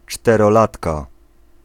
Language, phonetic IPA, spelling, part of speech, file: Polish, [ˌt͡ʃtɛrɔˈlatka], czterolatka, noun, Pl-czterolatka.ogg